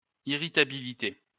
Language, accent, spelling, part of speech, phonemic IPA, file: French, France, irritabilité, noun, /i.ʁi.ta.bi.li.te/, LL-Q150 (fra)-irritabilité.wav
- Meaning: 1. irritability 2. petulance